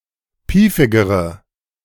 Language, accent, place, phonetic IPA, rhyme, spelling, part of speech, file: German, Germany, Berlin, [ˈpiːfɪɡəʁə], -iːfɪɡəʁə, piefigere, adjective, De-piefigere.ogg
- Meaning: inflection of piefig: 1. strong/mixed nominative/accusative feminine singular comparative degree 2. strong nominative/accusative plural comparative degree